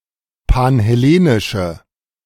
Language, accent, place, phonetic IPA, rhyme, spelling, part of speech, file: German, Germany, Berlin, [panhɛˈleːnɪʃə], -eːnɪʃə, panhellenische, adjective, De-panhellenische.ogg
- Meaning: inflection of panhellenisch: 1. strong/mixed nominative/accusative feminine singular 2. strong nominative/accusative plural 3. weak nominative all-gender singular